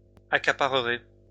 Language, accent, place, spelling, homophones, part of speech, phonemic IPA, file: French, France, Lyon, accaparerez, accaparerai, verb, /a.ka.pa.ʁə.ʁe/, LL-Q150 (fra)-accaparerez.wav
- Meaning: second-person plural simple future of accaparer